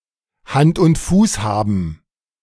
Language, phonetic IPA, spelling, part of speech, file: German, [hant ʊnt ˈfuːs ˌhaːbn̩], Hand und Fuß haben, phrase, De-Hand und Fuß haben.ogg